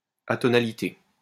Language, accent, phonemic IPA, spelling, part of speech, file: French, France, /a.tɔ.na.li.te/, atonalité, noun, LL-Q150 (fra)-atonalité.wav
- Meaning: atonality